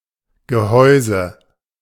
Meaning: 1. casing, case, housing, shell (frame or box around something) 2. ellipsis of Kerngehäuse (“core of an apple, pear, etc.”) 3. ellipsis of Torgehäuse (“post and crossbar of a goal”)
- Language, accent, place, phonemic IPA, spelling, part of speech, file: German, Germany, Berlin, /ɡəˈhɔʏ̯zə/, Gehäuse, noun, De-Gehäuse.ogg